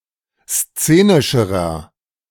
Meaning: inflection of szenisch: 1. strong/mixed nominative masculine singular comparative degree 2. strong genitive/dative feminine singular comparative degree 3. strong genitive plural comparative degree
- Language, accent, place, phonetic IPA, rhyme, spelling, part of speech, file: German, Germany, Berlin, [ˈst͡seːnɪʃəʁɐ], -eːnɪʃəʁɐ, szenischerer, adjective, De-szenischerer.ogg